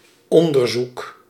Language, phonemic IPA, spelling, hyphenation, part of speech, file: Dutch, /ˈɔn.dərˌzuk/, onderzoek, on‧der‧zoek, noun, Nl-onderzoek.ogg
- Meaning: 1. research, experiment, study, trial, test, survey 2. investigation, inquiry, examination, survey